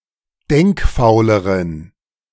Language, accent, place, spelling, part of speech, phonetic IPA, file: German, Germany, Berlin, denkfauleren, adjective, [ˈdɛŋkˌfaʊ̯ləʁən], De-denkfauleren.ogg
- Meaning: inflection of denkfaul: 1. strong genitive masculine/neuter singular comparative degree 2. weak/mixed genitive/dative all-gender singular comparative degree